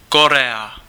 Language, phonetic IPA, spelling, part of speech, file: Czech, [ˈkorɛa], Korea, proper noun, Cs-Korea.ogg
- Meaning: Korea (a geographic region in East Asia, consisting of two countries, commonly known as South Korea and North Korea; formerly a single country)